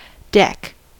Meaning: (noun) Any raised flat surface that can be walked on: a balcony; a porch; a raised patio; a flat rooftop
- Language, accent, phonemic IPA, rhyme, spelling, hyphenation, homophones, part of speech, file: English, US, /ˈdɛk/, -ɛk, deck, deck, deque, noun / verb, En-us-deck.ogg